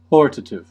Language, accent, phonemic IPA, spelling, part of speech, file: English, US, /ˈhɔɹtətɪv/, hortative, adjective / noun, En-us-hortative.ogg
- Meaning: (adjective) 1. Urging, exhorting, or encouraging 2. Of a mood or class of imperative subjunctive moods of a verb for giving strong encouragement